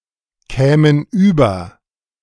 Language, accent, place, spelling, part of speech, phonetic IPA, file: German, Germany, Berlin, kämen über, verb, [ˌkɛːmən ˈyːbɐ], De-kämen über.ogg
- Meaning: first-person plural subjunctive II of überkommen